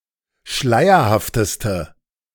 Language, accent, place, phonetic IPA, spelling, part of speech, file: German, Germany, Berlin, [ˈʃlaɪ̯ɐhaftəstə], schleierhafteste, adjective, De-schleierhafteste.ogg
- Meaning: inflection of schleierhaft: 1. strong/mixed nominative/accusative feminine singular superlative degree 2. strong nominative/accusative plural superlative degree